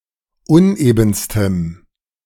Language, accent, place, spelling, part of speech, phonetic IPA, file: German, Germany, Berlin, unebenstem, adjective, [ˈʊnʔeːbn̩stəm], De-unebenstem.ogg
- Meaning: strong dative masculine/neuter singular superlative degree of uneben